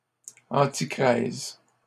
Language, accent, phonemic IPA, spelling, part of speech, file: French, Canada, /ɑ̃.ti.kʁɛz/, antichrèse, noun, LL-Q150 (fra)-antichrèse.wav
- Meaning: antichresis